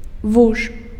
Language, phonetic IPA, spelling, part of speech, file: Belarusian, [vuʂ], вуж, noun, Be-вуж.ogg
- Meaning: grass snake (Natrix natrix)